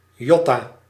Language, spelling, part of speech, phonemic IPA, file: Dutch, yotta-, prefix, /ˈjɔ.ta/, Nl-yotta-.ogg
- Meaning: yotta-